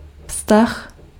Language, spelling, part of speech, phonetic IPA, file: Czech, vztah, noun, [ˈfstax], Cs-vztah.ogg
- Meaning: relation (way in which two things may be associated)